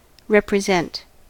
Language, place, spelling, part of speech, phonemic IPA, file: English, California, represent, verb, /ˌɹɛpɹɪˈzɛnt/, En-us-represent.ogg
- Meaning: 1. To present again or anew; to present by means of something standing in the place of; to exhibit the counterpart or image of; to typify 2. To portray visually; to delineate